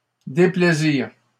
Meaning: displeasure
- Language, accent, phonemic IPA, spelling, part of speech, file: French, Canada, /de.ple.ziʁ/, déplaisir, noun, LL-Q150 (fra)-déplaisir.wav